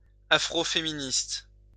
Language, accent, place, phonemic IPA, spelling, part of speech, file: French, France, Lyon, /a.fʁo.fe.mi.nist/, afroféministe, adjective, LL-Q150 (fra)-afroféministe.wav
- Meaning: Afrofeminist